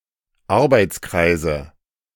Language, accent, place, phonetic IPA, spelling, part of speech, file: German, Germany, Berlin, [ˈaʁbaɪ̯t͡sˌkʁaɪ̯zə], Arbeitskreise, noun, De-Arbeitskreise.ogg
- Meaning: nominative/accusative/genitive plural of Arbeitskreis